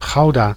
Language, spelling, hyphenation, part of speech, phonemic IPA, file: Dutch, Gouda, Gou‧da, proper noun / noun, /ˈɣɑu̯.daː/, Nl-Gouda.ogg
- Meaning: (proper noun) Gouda (a city and municipality of South Holland, Netherlands); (noun) Gouda cheese